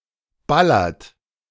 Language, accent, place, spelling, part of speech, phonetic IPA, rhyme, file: German, Germany, Berlin, ballert, verb, [ˈbalɐt], -alɐt, De-ballert.ogg
- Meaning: inflection of ballern: 1. second-person plural present 2. third-person singular present 3. plural imperative